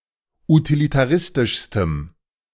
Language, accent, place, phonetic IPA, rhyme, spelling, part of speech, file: German, Germany, Berlin, [utilitaˈʁɪstɪʃstəm], -ɪstɪʃstəm, utilitaristischstem, adjective, De-utilitaristischstem.ogg
- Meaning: strong dative masculine/neuter singular superlative degree of utilitaristisch